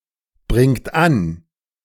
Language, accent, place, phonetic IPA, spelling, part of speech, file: German, Germany, Berlin, [ˌbʁɪŋt ˈan], bringt an, verb, De-bringt an.ogg
- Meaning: inflection of anbringen: 1. third-person singular present 2. second-person plural present 3. plural imperative